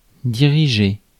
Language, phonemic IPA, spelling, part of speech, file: French, /di.ʁi.ʒe/, diriger, verb, Fr-diriger.ogg
- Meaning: 1. to run; to direct (be the director of) 2. to supervise; to oversee 3. to steer (vehicles) 4. to aim, to direct 5. to direct (a film) 6. to go towards; to head (for)